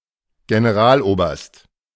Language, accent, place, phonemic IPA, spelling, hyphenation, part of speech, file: German, Germany, Berlin, /ɡenəˈʁaːlˌʔoːbɐst/, Generaloberst, Ge‧ne‧ral‧oberst, noun, De-Generaloberst.ogg
- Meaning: colonel general